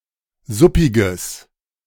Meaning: strong/mixed nominative/accusative neuter singular of suppig
- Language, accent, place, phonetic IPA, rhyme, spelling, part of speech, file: German, Germany, Berlin, [ˈzʊpɪɡəs], -ʊpɪɡəs, suppiges, adjective, De-suppiges.ogg